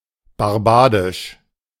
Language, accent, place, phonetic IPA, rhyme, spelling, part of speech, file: German, Germany, Berlin, [baʁˈbaːdɪʃ], -aːdɪʃ, barbadisch, adjective, De-barbadisch.ogg
- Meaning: of Barbados